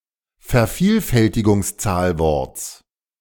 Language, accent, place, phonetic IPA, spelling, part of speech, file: German, Germany, Berlin, [fɛɐ̯ˈfiːlfɛltɪɡʊŋsˌt͡saːlvɔʁt͡s], Vervielfältigungszahlworts, noun, De-Vervielfältigungszahlworts.ogg
- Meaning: genitive singular of Vervielfältigungszahlwort